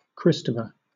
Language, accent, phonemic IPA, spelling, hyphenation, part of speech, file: English, Southern England, /ˈkɹɪs.tə.fə/, Christopher, Chris‧to‧pher, proper noun, LL-Q1860 (eng)-Christopher.wav
- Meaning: 1. A male given name from Ancient Greek 2. A surname originating as a patronymic